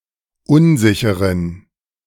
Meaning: inflection of unsicher: 1. strong genitive masculine/neuter singular 2. weak/mixed genitive/dative all-gender singular 3. strong/weak/mixed accusative masculine singular 4. strong dative plural
- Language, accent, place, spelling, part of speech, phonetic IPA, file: German, Germany, Berlin, unsicheren, adjective, [ˈʊnˌzɪçəʁən], De-unsicheren.ogg